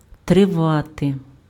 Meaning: 1. to last, to endure, to continue 2. to live, to exist, to abide 3. to wait, to abide
- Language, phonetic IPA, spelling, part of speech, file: Ukrainian, [treˈʋate], тривати, verb, Uk-тривати.ogg